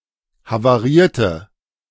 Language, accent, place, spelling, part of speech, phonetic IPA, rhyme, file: German, Germany, Berlin, havarierte, adjective, [havaˈʁiːɐ̯tə], -iːɐ̯tə, De-havarierte.ogg
- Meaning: inflection of havariert: 1. strong/mixed nominative/accusative feminine singular 2. strong nominative/accusative plural 3. weak nominative all-gender singular